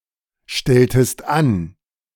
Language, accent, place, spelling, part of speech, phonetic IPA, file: German, Germany, Berlin, stelltest an, verb, [ˌʃtɛltəst ˈan], De-stelltest an.ogg
- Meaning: inflection of anstellen: 1. second-person singular preterite 2. second-person singular subjunctive II